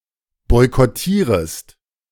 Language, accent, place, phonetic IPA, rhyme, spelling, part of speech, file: German, Germany, Berlin, [ˌbɔɪ̯kɔˈtiːʁəst], -iːʁəst, boykottierest, verb, De-boykottierest.ogg
- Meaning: second-person singular subjunctive I of boykottieren